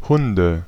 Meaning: 1. nominative/accusative/genitive plural of Hund 2. dative singular of Hund
- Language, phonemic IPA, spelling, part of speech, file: German, /ˈhʊndə/, Hunde, noun, De-Hunde.ogg